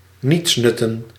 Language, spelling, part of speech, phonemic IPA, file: Dutch, nietsnutten, verb / noun, /ˈnitsnʏtən/, Nl-nietsnutten.ogg
- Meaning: plural of nietsnut